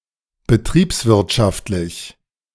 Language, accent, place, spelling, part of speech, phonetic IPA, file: German, Germany, Berlin, betriebswirtschaftlich, adjective, [bəˈtʁiːpsˌvɪʁtʃaftlɪç], De-betriebswirtschaftlich.ogg
- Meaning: economic (concerning the economy)